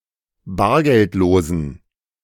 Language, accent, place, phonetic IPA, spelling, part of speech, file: German, Germany, Berlin, [ˈbaːɐ̯ɡɛltˌloːzn̩], bargeldlosen, adjective, De-bargeldlosen.ogg
- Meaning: inflection of bargeldlos: 1. strong genitive masculine/neuter singular 2. weak/mixed genitive/dative all-gender singular 3. strong/weak/mixed accusative masculine singular 4. strong dative plural